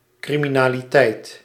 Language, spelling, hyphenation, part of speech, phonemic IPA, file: Dutch, criminaliteit, cri‧mi‧na‧li‧teit, noun, /ˌkri.mi.naː.liˈtɛi̯t/, Nl-criminaliteit.ogg
- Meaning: criminality